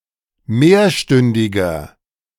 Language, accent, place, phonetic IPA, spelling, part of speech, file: German, Germany, Berlin, [ˈmeːɐ̯ˌʃtʏndɪɡɐ], mehrstündiger, adjective, De-mehrstündiger.ogg
- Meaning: inflection of mehrstündig: 1. strong/mixed nominative masculine singular 2. strong genitive/dative feminine singular 3. strong genitive plural